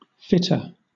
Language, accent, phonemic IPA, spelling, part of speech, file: English, Southern England, /ˈfɪtə/, fitter, noun / adjective, LL-Q1860 (eng)-fitter.wav
- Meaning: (noun) 1. A person who fits or assembles something 2. An epileptic 3. A coal broker who conducts the sales between the owner of a coal pit and the shipper